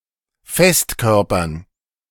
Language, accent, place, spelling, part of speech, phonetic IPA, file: German, Germany, Berlin, Festkörpern, noun, [ˈfɛstˌkœʁpɐn], De-Festkörpern.ogg
- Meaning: dative plural of Festkörper